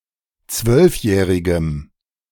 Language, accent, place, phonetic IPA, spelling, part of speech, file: German, Germany, Berlin, [ˈt͡svœlfˌjɛːʁɪɡəm], zwölfjährigem, adjective, De-zwölfjährigem.ogg
- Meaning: strong dative masculine/neuter singular of zwölfjährig